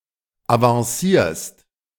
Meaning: second-person singular present of avancieren
- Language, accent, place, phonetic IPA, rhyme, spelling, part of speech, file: German, Germany, Berlin, [avɑ̃ˈsiːɐ̯st], -iːɐ̯st, avancierst, verb, De-avancierst.ogg